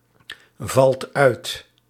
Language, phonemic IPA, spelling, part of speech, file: Dutch, /ˈvɑlt ˈœyt/, valt uit, verb, Nl-valt uit.ogg
- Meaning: inflection of uitvallen: 1. second/third-person singular present indicative 2. plural imperative